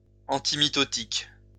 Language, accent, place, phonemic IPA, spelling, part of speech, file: French, France, Lyon, /ɑ̃.ti.mi.tɔ.tik/, antimitotique, adjective / noun, LL-Q150 (fra)-antimitotique.wav
- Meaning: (adjective) antimitotic